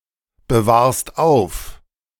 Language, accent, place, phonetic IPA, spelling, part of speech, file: German, Germany, Berlin, [bəˌvaːɐ̯st ˈaʊ̯f], bewahrst auf, verb, De-bewahrst auf.ogg
- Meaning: second-person singular present of aufbewahren